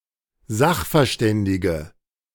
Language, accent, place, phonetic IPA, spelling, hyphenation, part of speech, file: German, Germany, Berlin, [ˈzaxfɛɐ̯ˌʃtɛndɪɡə], Sachverständige, Sach‧ver‧stän‧di‧ge, noun, De-Sachverständige.ogg
- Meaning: 1. female equivalent of Sachverständiger: female expert 2. inflection of Sachverständiger: strong nominative/accusative plural 3. inflection of Sachverständiger: weak nominative singular